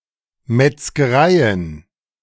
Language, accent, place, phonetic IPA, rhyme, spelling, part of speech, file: German, Germany, Berlin, [mɛt͡sɡəˈʁaɪ̯ən], -aɪ̯ən, Metzgereien, noun, De-Metzgereien.ogg
- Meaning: plural of Metzgerei